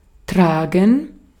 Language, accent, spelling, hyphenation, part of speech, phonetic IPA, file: German, Austria, tragen, tra‧gen, verb, [ˈtʰʁ̥aːɡŋ̩], De-at-tragen.ogg
- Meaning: 1. to carry, to bear (something on one's person) 2. to bear, to carry (responsibility, blame, a name, a title, etc.) 3. to bear, to (have to) pay (for) (costs, expenses, losses, etc.)